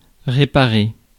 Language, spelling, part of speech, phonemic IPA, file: French, réparer, verb, /ʁe.pa.ʁe/, Fr-réparer.ogg
- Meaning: to repair, fix, mend